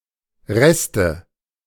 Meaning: nominative/accusative/genitive plural of Rest
- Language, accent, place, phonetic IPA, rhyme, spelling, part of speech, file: German, Germany, Berlin, [ˈʁɛstə], -ɛstə, Reste, noun, De-Reste.ogg